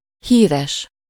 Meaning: famous, well-known
- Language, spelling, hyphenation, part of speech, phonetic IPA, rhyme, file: Hungarian, híres, hí‧res, adjective, [ˈhiːrɛʃ], -ɛʃ, Hu-híres.ogg